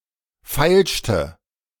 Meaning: inflection of feilschen: 1. first/third-person singular preterite 2. first/third-person singular subjunctive II
- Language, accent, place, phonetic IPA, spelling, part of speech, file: German, Germany, Berlin, [ˈfaɪ̯lʃtə], feilschte, verb, De-feilschte.ogg